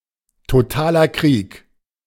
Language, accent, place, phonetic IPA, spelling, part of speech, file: German, Germany, Berlin, [toˈtaːlɐ kʁiːk], totaler Krieg, noun, De-totaler Krieg.ogg
- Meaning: total war